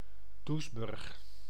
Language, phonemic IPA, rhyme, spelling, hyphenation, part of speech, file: Dutch, /ˈdus.bʏrx/, -ʏrx, Doesburg, Does‧burg, proper noun, Nl-Doesburg.ogg
- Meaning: Doesburg (a city and municipality of Gelderland, Netherlands)